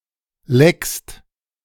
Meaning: second-person singular present of lecken
- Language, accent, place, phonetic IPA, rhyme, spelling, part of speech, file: German, Germany, Berlin, [lɛkst], -ɛkst, leckst, verb, De-leckst.ogg